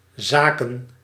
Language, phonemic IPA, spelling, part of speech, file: Dutch, /zaːkən/, zaken, noun / adverb, Nl-zaken.ogg
- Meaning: 1. plural of zaak 2. business 3. affairs, a field of management, such as a political portfolio